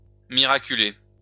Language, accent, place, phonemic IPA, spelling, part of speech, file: French, France, Lyon, /mi.ʁa.ky.le/, miraculer, verb, LL-Q150 (fra)-miraculer.wav
- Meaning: to save by means of a miracle